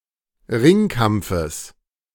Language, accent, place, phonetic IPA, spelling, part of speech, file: German, Germany, Berlin, [ˈʁɪŋˌkamp͡fəs], Ringkampfes, noun, De-Ringkampfes.ogg
- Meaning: genitive singular of Ringkampf